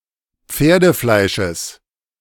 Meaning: genitive singular of Pferdefleisch
- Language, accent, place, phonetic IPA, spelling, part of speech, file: German, Germany, Berlin, [ˈp͡feːɐ̯dəˌflaɪ̯ʃəs], Pferdefleisches, noun, De-Pferdefleisches.ogg